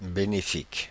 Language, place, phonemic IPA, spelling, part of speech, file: French, Paris, /be.ne.fik/, bénéfique, adjective, Fr-bénéfique.oga
- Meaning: beneficial, that which does good